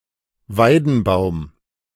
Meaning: willow tree
- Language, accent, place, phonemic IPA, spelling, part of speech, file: German, Germany, Berlin, /ˈvaɪ̯dn̩ˌbaʊ̯m/, Weidenbaum, noun, De-Weidenbaum.ogg